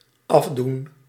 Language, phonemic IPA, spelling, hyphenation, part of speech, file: Dutch, /ˈɑv.dun/, afdoen, af‧doen, verb, Nl-afdoen.ogg
- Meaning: 1. to remove, to take off 2. to complete, to fulfill, to finish 3. to determine, to decide 4. to dismiss, to reject (often out of hand, lightly)